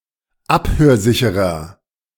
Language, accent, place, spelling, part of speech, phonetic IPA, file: German, Germany, Berlin, abhörsicherer, adjective, [ˈaphøːɐ̯ˌzɪçəʁɐ], De-abhörsicherer.ogg
- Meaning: 1. comparative degree of abhörsicher 2. inflection of abhörsicher: strong/mixed nominative masculine singular 3. inflection of abhörsicher: strong genitive/dative feminine singular